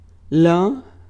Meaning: 1. wool (wavy fur of sheep and other animals) 2. farm 3. fluff 4. frizzy hair 5. shyness 6. wealth
- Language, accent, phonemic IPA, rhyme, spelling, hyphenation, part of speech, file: Portuguese, Brazil, /ˈlɐ̃/, -ɐ̃, lã, lã, noun, Pt-lã.ogg